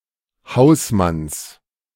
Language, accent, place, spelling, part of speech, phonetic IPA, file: German, Germany, Berlin, Hausmanns, noun, [ˈhaʊ̯sˌmans], De-Hausmanns.ogg
- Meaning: genitive singular of Hausmann